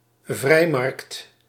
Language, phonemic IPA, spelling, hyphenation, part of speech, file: Dutch, /ˈvrɛi̯.mɑrkt/, vrijmarkt, vrij‧markt, noun, Nl-vrijmarkt.ogg
- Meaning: 1. a type of garage sale occurring throughout the Netherlands during Koninginnedag 2. a market or market town with special privileges